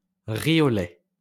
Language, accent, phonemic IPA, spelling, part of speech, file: French, France, /ʁi o lɛ/, riz au lait, noun, LL-Q150 (fra)-riz au lait.wav
- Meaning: rice pudding